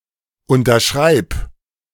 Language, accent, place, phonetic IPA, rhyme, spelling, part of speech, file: German, Germany, Berlin, [ˌʊntɐˈʃʁaɪ̯p], -aɪ̯p, unterschreib, verb, De-unterschreib.ogg
- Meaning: singular imperative of unterschreiben